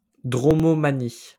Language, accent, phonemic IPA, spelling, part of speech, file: French, France, /dʁɔ.mɔ.ma.ni/, dromomanie, noun, LL-Q150 (fra)-dromomanie.wav
- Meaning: an irrational impulse to wander or travel without purpose